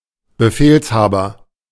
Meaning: commander
- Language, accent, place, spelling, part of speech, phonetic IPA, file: German, Germany, Berlin, Befehlshaber, noun, [bəˈfeːlsˌhaːbɐ], De-Befehlshaber.ogg